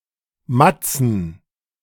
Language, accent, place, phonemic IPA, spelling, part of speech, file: German, Germany, Berlin, /ˈmat͡sn̩/, Matzen, noun, De-Matzen.ogg
- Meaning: 1. synonym of Matze (“matzoh”) 2. plural of Matze